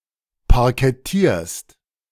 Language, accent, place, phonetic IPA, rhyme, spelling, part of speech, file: German, Germany, Berlin, [paʁkɛˈtiːɐ̯st], -iːɐ̯st, parkettierst, verb, De-parkettierst.ogg
- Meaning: second-person singular present of parkettieren